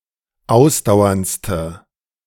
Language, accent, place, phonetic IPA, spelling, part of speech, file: German, Germany, Berlin, [ˈaʊ̯sdaʊ̯ɐnt͡stə], ausdauerndste, adjective, De-ausdauerndste.ogg
- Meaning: inflection of ausdauernd: 1. strong/mixed nominative/accusative feminine singular superlative degree 2. strong nominative/accusative plural superlative degree